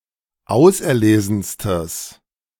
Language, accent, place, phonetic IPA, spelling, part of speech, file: German, Germany, Berlin, [ˈaʊ̯sʔɛɐ̯ˌleːzn̩stəs], auserlesenstes, adjective, De-auserlesenstes.ogg
- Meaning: strong/mixed nominative/accusative neuter singular superlative degree of auserlesen